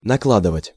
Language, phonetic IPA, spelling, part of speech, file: Russian, [nɐˈkɫadɨvətʲ], накладывать, verb, Ru-накладывать.ogg
- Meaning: 1. to lay (something) on/over (something else), to superimpose 2. to apply (bandage, face cream, etc.) 3. to pack, to load (a fair amount of something) 4. to put in (stitches)